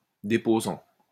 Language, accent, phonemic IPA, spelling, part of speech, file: French, France, /de.po.zɑ̃/, déposant, verb / noun, LL-Q150 (fra)-déposant.wav
- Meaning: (verb) present participle of déposer; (noun) 1. depositor 2. person who makes a deposition